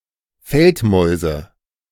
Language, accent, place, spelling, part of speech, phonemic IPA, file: German, Germany, Berlin, Feldmäuse, noun, /ˈfɛltˌmɔɪ̯zə/, De-Feldmäuse.ogg
- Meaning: nominative/accusative/genitive plural of Feldmaus